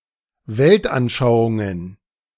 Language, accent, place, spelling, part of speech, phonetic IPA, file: German, Germany, Berlin, Weltanschauungen, noun, [ˈvɛltʔanˌʃaʊ̯ʊŋən], De-Weltanschauungen.ogg
- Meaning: plural of Weltanschauung